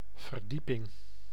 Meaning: 1. deepening 2. floor, storey
- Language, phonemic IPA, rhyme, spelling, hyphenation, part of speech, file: Dutch, /vərˈdi.pɪŋ/, -ipɪŋ, verdieping, ver‧die‧ping, noun, Nl-verdieping.ogg